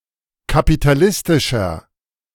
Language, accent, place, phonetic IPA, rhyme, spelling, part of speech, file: German, Germany, Berlin, [kapitaˈlɪstɪʃɐ], -ɪstɪʃɐ, kapitalistischer, adjective, De-kapitalistischer.ogg
- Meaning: 1. comparative degree of kapitalistisch 2. inflection of kapitalistisch: strong/mixed nominative masculine singular 3. inflection of kapitalistisch: strong genitive/dative feminine singular